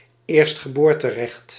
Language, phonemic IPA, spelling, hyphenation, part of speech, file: Dutch, /ˌeːrst.xəˈboːr.təˌrɛxt/, eerstgeboorterecht, eerst‧ge‧boor‧te‧recht, noun, Nl-eerstgeboorterecht.ogg
- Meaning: right of the firstborn, primogeniture (birthright of the eldest acknowledged child)